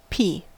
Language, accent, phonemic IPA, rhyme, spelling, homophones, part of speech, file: English, US, /piː/, -iː, pea, P / pee, noun, En-us-pea.ogg
- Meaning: Any of certain plants of the family Fabaceae: 1. Pisum sativum and others 2. Pisum sativum and others.: A plant, Pisum sativum, member of the legume (Fabaceae) family